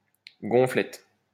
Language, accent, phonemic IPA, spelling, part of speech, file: French, France, /ɡɔ̃.flɛt/, gonflette, noun, LL-Q150 (fra)-gonflette.wav
- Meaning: bodybuilding